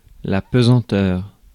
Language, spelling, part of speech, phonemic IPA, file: French, pesanteur, noun, /pə.zɑ̃.tœʁ/, Fr-pesanteur.ogg
- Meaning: 1. gravity 2. weight 3. heaviness 4. slowness, dullness